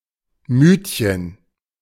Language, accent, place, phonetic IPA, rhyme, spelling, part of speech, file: German, Germany, Berlin, [ˈmyːtçən], -yːtçən, Mütchen, noun, De-Mütchen.ogg
- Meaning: diminutive of Mut